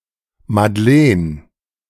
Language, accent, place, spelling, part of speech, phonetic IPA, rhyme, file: German, Germany, Berlin, Madlen, proper noun, [madˈleːn], -eːn, De-Madlen.ogg
- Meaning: a diminutive of the female given name Magdalene